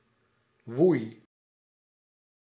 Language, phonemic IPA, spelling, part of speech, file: Dutch, /ˈʋuɪ/, woei, verb, Nl-woei.ogg
- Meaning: singular past indicative of waaien